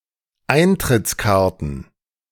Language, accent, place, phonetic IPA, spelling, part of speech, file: German, Germany, Berlin, [ˈaɪ̯ntʁɪt͡sˌkaʁtn̩], Eintrittskarten, noun, De-Eintrittskarten.ogg
- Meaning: plural of Eintrittskarte